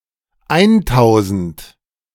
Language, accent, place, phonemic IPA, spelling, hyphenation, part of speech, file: German, Germany, Berlin, /ˈaɪ̯nˌtaʊ̯zn̩t/, eintausend, ein‧tau‧send, numeral, De-eintausend.ogg
- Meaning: one thousand